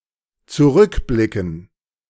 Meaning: to look back
- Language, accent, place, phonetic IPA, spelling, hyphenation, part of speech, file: German, Germany, Berlin, [t͡suˈʁʏkˌblɪkn̩], zurückblicken, zu‧rück‧bli‧cken, verb, De-zurückblicken.ogg